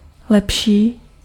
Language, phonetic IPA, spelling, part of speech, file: Czech, [ˈlɛpʃiː], lepší, adjective / verb, Cs-lepší.ogg
- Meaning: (adjective) better, comparative degree of dobrý; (verb) third-person singular/plural present of lepšit